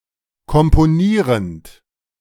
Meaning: present participle of komponieren
- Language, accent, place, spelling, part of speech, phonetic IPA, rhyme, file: German, Germany, Berlin, komponierend, verb, [kɔmpoˈniːʁənt], -iːʁənt, De-komponierend.ogg